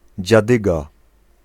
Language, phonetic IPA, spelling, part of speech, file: Polish, [d͡ʑaˈdɨɡa], dziadyga, noun, Pl-dziadyga.ogg